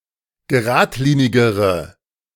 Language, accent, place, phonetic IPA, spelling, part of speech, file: German, Germany, Berlin, [ɡəˈʁaːtˌliːnɪɡəʁə], geradlinigere, adjective, De-geradlinigere.ogg
- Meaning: inflection of geradlinig: 1. strong/mixed nominative/accusative feminine singular comparative degree 2. strong nominative/accusative plural comparative degree